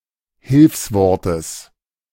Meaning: genitive singular of Hilfswort
- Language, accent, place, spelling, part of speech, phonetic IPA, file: German, Germany, Berlin, Hilfswortes, noun, [ˈhɪlfsvɔʁtəs], De-Hilfswortes.ogg